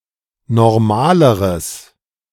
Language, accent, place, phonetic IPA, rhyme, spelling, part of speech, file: German, Germany, Berlin, [nɔʁˈmaːləʁəs], -aːləʁəs, normaleres, adjective, De-normaleres.ogg
- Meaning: strong/mixed nominative/accusative neuter singular comparative degree of normal